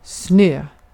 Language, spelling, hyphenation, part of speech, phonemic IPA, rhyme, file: Swedish, snö, snö, noun, /snøː/, -øː, Sv-snö.ogg
- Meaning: 1. snow; frozen, crystalline water falling as precipitation 2. snow; random electrical noise in a television picture 3. snow (cocaine)